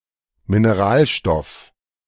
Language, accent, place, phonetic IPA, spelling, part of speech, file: German, Germany, Berlin, [mineˈʁaːlˌʃtɔf], Mineralstoff, noun, De-Mineralstoff.ogg
- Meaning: 1. mineral 2. mineral supplement